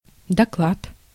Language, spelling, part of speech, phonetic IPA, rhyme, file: Russian, доклад, noun, [dɐˈkɫat], -at, Ru-доклад.ogg
- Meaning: 1. report, paper 2. lecture 3. announcement